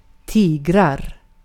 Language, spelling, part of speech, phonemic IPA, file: Swedish, tiger, noun / verb, /¹tiːɡɛr/, Sv-tiger.ogg
- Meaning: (noun) tiger (animal); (verb) present indicative of tiga